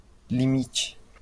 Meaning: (noun) 1. limit 2. limitation; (verb) inflection of limitar: 1. first/third-person singular present subjunctive 2. third-person singular imperative
- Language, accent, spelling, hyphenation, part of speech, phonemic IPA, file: Portuguese, Brazil, limite, li‧mi‧te, noun / verb, /liˈmi.t͡ʃi/, LL-Q5146 (por)-limite.wav